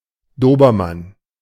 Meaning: Dobermann
- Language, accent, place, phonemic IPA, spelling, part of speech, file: German, Germany, Berlin, /ˈdoːbɐman/, Dobermann, noun, De-Dobermann.ogg